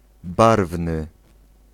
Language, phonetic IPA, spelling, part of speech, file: Polish, [ˈbarvnɨ], barwny, adjective, Pl-barwny.ogg